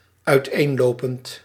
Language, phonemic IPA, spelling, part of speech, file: Dutch, /œyˈtenlopənt/, uiteenlopend, verb / adjective, Nl-uiteenlopend.ogg
- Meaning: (adjective) various, varied; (verb) present participle of uiteenlopen